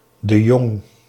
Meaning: a surname, the most common in the Netherlands
- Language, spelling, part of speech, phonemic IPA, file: Dutch, de Jong, proper noun, /də ˈjɔŋ/, Nl-de Jong.ogg